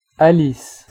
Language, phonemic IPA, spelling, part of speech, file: French, /a.lis/, Alice, proper noun, Fr-Alice.ogg
- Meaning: a female given name, equivalent to English Alice